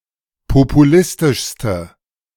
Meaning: inflection of populistisch: 1. strong/mixed nominative/accusative feminine singular superlative degree 2. strong nominative/accusative plural superlative degree
- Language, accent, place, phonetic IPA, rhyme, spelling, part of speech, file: German, Germany, Berlin, [popuˈlɪstɪʃstə], -ɪstɪʃstə, populistischste, adjective, De-populistischste.ogg